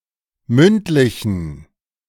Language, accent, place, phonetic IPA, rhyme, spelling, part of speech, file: German, Germany, Berlin, [ˈmʏntˌlɪçn̩], -ʏntlɪçn̩, mündlichen, adjective, De-mündlichen.ogg
- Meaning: inflection of mündlich: 1. strong genitive masculine/neuter singular 2. weak/mixed genitive/dative all-gender singular 3. strong/weak/mixed accusative masculine singular 4. strong dative plural